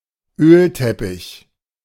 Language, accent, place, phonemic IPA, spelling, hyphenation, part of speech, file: German, Germany, Berlin, /ˈøːlˌtɛpɪç/, Ölteppich, Öl‧tep‧pich, noun, De-Ölteppich.ogg
- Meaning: oil slick